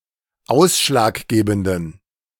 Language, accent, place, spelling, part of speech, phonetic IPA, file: German, Germany, Berlin, ausschlaggebenden, adjective, [ˈaʊ̯sʃlaːkˌɡeːbn̩dən], De-ausschlaggebenden.ogg
- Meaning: inflection of ausschlaggebend: 1. strong genitive masculine/neuter singular 2. weak/mixed genitive/dative all-gender singular 3. strong/weak/mixed accusative masculine singular 4. strong dative plural